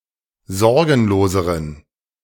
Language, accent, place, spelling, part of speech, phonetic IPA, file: German, Germany, Berlin, sorgenloseren, adjective, [ˈzɔʁɡn̩loːzəʁən], De-sorgenloseren.ogg
- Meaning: inflection of sorgenlos: 1. strong genitive masculine/neuter singular comparative degree 2. weak/mixed genitive/dative all-gender singular comparative degree